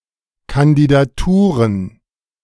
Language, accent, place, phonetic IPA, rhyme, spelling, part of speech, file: German, Germany, Berlin, [kandidaˈtuːʁən], -uːʁən, Kandidaturen, noun, De-Kandidaturen.ogg
- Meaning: plural of Kandidatur